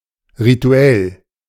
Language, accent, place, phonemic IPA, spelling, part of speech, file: German, Germany, Berlin, /ʁiˈtu̯ɛl/, rituell, adjective, De-rituell.ogg
- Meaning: ritual